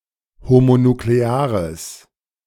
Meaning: strong/mixed nominative/accusative neuter singular of homonuklear
- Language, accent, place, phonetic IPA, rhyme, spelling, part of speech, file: German, Germany, Berlin, [homonukleˈaːʁəs], -aːʁəs, homonukleares, adjective, De-homonukleares.ogg